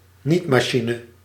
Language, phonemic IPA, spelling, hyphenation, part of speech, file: Dutch, /ˈnitmaːˌʃinə/, nietmachine, niet‧ma‧chi‧ne, noun, Nl-nietmachine.ogg
- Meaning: stapler (device to attach bundles by staples)